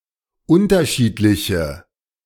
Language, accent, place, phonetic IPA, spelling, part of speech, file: German, Germany, Berlin, [ˈʊntɐˌʃiːtlɪçə], unterschiedliche, adjective, De-unterschiedliche.ogg
- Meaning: inflection of unterschiedlich: 1. strong/mixed nominative/accusative feminine singular 2. strong nominative/accusative plural 3. weak nominative all-gender singular